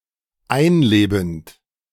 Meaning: present participle of einleben
- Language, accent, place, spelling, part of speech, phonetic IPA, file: German, Germany, Berlin, einlebend, verb, [ˈaɪ̯nˌleːbn̩t], De-einlebend.ogg